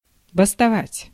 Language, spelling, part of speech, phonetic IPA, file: Russian, бастовать, verb, [bəstɐˈvatʲ], Ru-бастовать.ogg
- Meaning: to go on strike